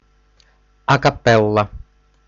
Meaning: a cappella (performed by a choir with no instrumental accompaniment)
- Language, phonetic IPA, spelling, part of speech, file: Russian, [ɐ‿kɐˈpɛɫ(ː)ə], а капелла, adverb, Ru-а капелла.ogg